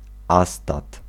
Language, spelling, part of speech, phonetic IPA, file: Polish, astat, noun, [ˈastat], Pl-astat.ogg